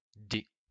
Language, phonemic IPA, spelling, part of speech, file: French, /de/, d, character, LL-Q150 (fra)-d.wav
- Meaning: The fourth letter of the French alphabet, written in the Latin script